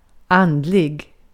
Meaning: spiritual
- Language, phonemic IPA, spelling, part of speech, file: Swedish, /ˈandˌlɪ(ɡ)/, andlig, adjective, Sv-andlig.ogg